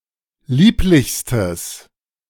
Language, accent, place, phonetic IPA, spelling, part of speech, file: German, Germany, Berlin, [ˈliːplɪçstəs], lieblichstes, adjective, De-lieblichstes.ogg
- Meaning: strong/mixed nominative/accusative neuter singular superlative degree of lieblich